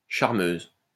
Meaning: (noun) plural of charmeuse (“charmers”); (adjective) feminine plural of charmeur (“charming”)
- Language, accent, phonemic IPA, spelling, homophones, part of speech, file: French, France, /ʃaʁ.møz/, charmeuses, charmeuse, noun / adjective, LL-Q150 (fra)-charmeuses.wav